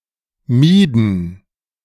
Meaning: inflection of meiden: 1. first/third-person plural preterite 2. first/third-person plural subjunctive II
- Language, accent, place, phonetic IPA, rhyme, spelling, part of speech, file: German, Germany, Berlin, [ˈmiːdn̩], -iːdn̩, mieden, verb, De-mieden.ogg